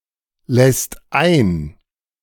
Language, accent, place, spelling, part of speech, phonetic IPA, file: German, Germany, Berlin, lässt ein, verb, [ˌlɛst ˈaɪ̯n], De-lässt ein.ogg
- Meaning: second/third-person singular present of einlassen